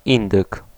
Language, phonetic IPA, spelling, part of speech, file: Polish, [ˈĩndɨk], indyk, noun, Pl-indyk.ogg